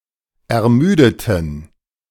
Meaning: inflection of ermüden: 1. first/third-person plural preterite 2. first/third-person plural subjunctive II
- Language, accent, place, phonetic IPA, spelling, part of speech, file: German, Germany, Berlin, [ɛɐ̯ˈmyːdətn̩], ermüdeten, adjective / verb, De-ermüdeten.ogg